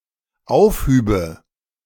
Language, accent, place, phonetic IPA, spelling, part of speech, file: German, Germany, Berlin, [ˈaʊ̯fˌhyːbə], aufhübe, verb, De-aufhübe.ogg
- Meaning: first/third-person singular dependent subjunctive II of aufheben